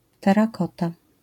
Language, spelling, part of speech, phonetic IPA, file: Polish, terakota, noun, [ˌtɛraˈkɔta], LL-Q809 (pol)-terakota.wav